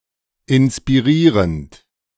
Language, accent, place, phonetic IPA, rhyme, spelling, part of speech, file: German, Germany, Berlin, [ɪnspiˈʁiːʁənt], -iːʁənt, inspirierend, verb, De-inspirierend.ogg
- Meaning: present participle of inspirieren